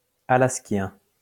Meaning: of Alaska; Alaskan
- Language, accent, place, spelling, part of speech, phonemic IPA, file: French, France, Lyon, alaskien, adjective, /a.las.kjɛ̃/, LL-Q150 (fra)-alaskien.wav